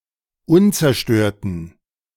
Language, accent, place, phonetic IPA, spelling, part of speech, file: German, Germany, Berlin, [ˈʊnt͡sɛɐ̯ˌʃtøːɐ̯tn̩], unzerstörten, adjective, De-unzerstörten.ogg
- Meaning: inflection of unzerstört: 1. strong genitive masculine/neuter singular 2. weak/mixed genitive/dative all-gender singular 3. strong/weak/mixed accusative masculine singular 4. strong dative plural